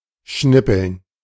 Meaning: to chop; to cut into small pieces (e.g. vegetables)
- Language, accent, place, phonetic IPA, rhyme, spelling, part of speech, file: German, Germany, Berlin, [ˈʃnɪpl̩n], -ɪpl̩n, schnippeln, verb, De-schnippeln.ogg